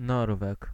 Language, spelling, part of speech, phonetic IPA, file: Polish, Norweg, noun, [ˈnɔrvɛk], Pl-Norweg.ogg